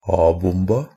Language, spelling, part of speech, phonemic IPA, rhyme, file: Norwegian Bokmål, a-bomba, noun, /ˈɑːbʊmba/, -ʊmba, NB - Pronunciation of Norwegian Bokmål «a-bomba».ogg
- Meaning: definite feminine singular of a-bombe